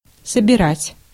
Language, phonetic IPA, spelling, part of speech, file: Russian, [səbʲɪˈratʲ], собирать, verb, Ru-собирать.ogg
- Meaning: 1. to gather, to collect, to harvest 2. to assemble 3. to convoke 4. to equip, to prepare 5. to build, to compile